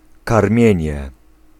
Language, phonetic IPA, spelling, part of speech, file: Polish, [karˈmʲjɛ̇̃ɲɛ], karmienie, noun, Pl-karmienie.ogg